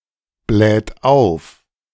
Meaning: inflection of aufblähen: 1. third-person singular present 2. second-person plural present 3. plural imperative
- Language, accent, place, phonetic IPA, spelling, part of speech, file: German, Germany, Berlin, [ˌblɛːt ˈaʊ̯f], bläht auf, verb, De-bläht auf.ogg